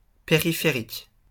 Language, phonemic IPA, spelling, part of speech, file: French, /pe.ʁi.fe.ʁik/, périphérique, noun / adjective, LL-Q150 (fra)-périphérique.wav
- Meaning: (noun) 1. peripheral 2. ring road